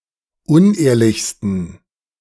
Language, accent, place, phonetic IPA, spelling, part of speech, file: German, Germany, Berlin, [ˈʊnˌʔeːɐ̯lɪçstn̩], unehrlichsten, adjective, De-unehrlichsten.ogg
- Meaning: 1. superlative degree of unehrlich 2. inflection of unehrlich: strong genitive masculine/neuter singular superlative degree